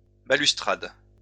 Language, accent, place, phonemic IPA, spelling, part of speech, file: French, France, Lyon, /ba.lys.tʁad/, balustrades, noun, LL-Q150 (fra)-balustrades.wav
- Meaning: plural of balustrade